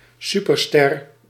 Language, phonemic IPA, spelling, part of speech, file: Dutch, /ˈsypərˌstɛr/, superster, noun, Nl-superster.ogg
- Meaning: superstar